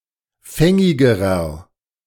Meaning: inflection of fängig: 1. strong/mixed nominative masculine singular comparative degree 2. strong genitive/dative feminine singular comparative degree 3. strong genitive plural comparative degree
- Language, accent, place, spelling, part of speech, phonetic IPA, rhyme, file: German, Germany, Berlin, fängigerer, adjective, [ˈfɛŋɪɡəʁɐ], -ɛŋɪɡəʁɐ, De-fängigerer.ogg